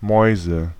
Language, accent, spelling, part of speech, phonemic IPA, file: German, Germany, Mäuse, noun, /ˈmɔi̯zə/, De-Mäuse.ogg
- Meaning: 1. nominative/accusative/genitive plural of Maus (“mouse”) 2. money